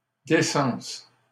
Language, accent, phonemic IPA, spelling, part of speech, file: French, Canada, /de.sɑ̃s/, décence, noun, LL-Q150 (fra)-décence.wav
- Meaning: decency, seemliness